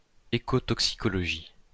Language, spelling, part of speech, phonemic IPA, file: French, écotoxicologie, noun, /e.ko.tɔk.si.kɔ.lɔ.ʒi/, LL-Q150 (fra)-écotoxicologie.wav
- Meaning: ecotoxicology